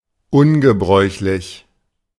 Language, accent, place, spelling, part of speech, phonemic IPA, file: German, Germany, Berlin, ungebräuchlich, adjective, /ˈʊnɡəˌbʁɔɪ̯çlɪç/, De-ungebräuchlich.ogg
- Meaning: uncommon, unusual